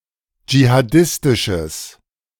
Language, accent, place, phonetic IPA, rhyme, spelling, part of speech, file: German, Germany, Berlin, [d͡ʒihaˈdɪstɪʃəs], -ɪstɪʃəs, jihadistisches, adjective, De-jihadistisches.ogg
- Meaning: strong/mixed nominative/accusative neuter singular of jihadistisch